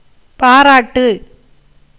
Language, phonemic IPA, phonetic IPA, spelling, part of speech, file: Tamil, /pɑːɾɑːʈːɯ/, [päːɾäːʈːɯ], பாராட்டு, verb / noun, Ta-பாராட்டு.ogg
- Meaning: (verb) 1. to applaud, praise, commend, eulogise, appreciate 2. to caress, fondle 3. to celebrate; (noun) 1. applause, praise, commendation, felicitation, congratulation 2. congratulations